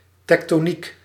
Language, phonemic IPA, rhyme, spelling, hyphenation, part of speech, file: Dutch, /ˌtɛk.toːˈnik/, -ik, tektoniek, tek‧to‧niek, noun, Nl-tektoniek.ogg
- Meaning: 1. tectonics (study of crustal movements and phenomena) 2. tectonics (study of structural assembly and experience)